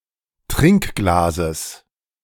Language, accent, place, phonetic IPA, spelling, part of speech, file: German, Germany, Berlin, [ˈtʁɪŋkˌɡlaːzəs], Trinkglases, noun, De-Trinkglases.ogg
- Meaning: genitive singular of Trinkglas